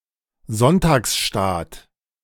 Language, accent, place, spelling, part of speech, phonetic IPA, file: German, Germany, Berlin, Sonntagsstaat, noun, [ˈzɔntaːksˌʃtaːt], De-Sonntagsstaat.ogg
- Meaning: Sunday best (a person’s finest clothes, particularly those worn to church on Sunday)